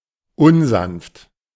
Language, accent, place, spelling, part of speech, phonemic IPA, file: German, Germany, Berlin, unsanft, adjective, /ˈʊnˌzanft/, De-unsanft.ogg
- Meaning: rough, coarse, brutish